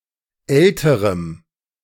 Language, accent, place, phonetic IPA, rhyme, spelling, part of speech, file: German, Germany, Berlin, [ˈɛltəʁəm], -ɛltəʁəm, älterem, adjective, De-älterem.ogg
- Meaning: strong dative masculine/neuter singular comparative degree of alt